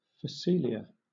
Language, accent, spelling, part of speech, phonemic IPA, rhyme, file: English, Southern England, phacelia, noun, /fəˈsiːliə/, -iːliə, LL-Q1860 (eng)-phacelia.wav
- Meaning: Any of many annual or perennial herbaceous plants, of the genus Phacelia, native to the Americas